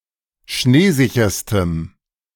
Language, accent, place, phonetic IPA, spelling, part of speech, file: German, Germany, Berlin, [ˈʃneːˌzɪçɐstəm], schneesicherstem, adjective, De-schneesicherstem.ogg
- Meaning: strong dative masculine/neuter singular superlative degree of schneesicher